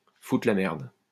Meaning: to stir shit, to mess things up, to fuck things up
- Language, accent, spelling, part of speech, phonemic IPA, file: French, France, foutre la merde, verb, /fu.tʁə la mɛʁd/, LL-Q150 (fra)-foutre la merde.wav